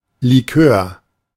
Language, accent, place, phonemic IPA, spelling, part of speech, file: German, Germany, Berlin, /liˈkøːr/, Likör, noun, De-Likör.ogg
- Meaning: liqueur